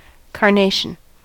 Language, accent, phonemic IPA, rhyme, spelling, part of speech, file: English, US, /kɑɹˈneɪ.ʃən/, -eɪʃən, carnation, noun / adjective, En-us-carnation.ogg
- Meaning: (noun) A type of Eurasian plant widely cultivated for its flowers.: 1. originally, Dianthus caryophyllus 2. other members of genus Dianthus and hybrids